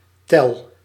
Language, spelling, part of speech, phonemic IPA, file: Dutch, tel, noun / verb, /tɛl/, Nl-tel.ogg
- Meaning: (noun) 1. count 2. second 3. a short moment; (verb) inflection of tellen: 1. first-person singular present indicative 2. second-person singular present indicative 3. imperative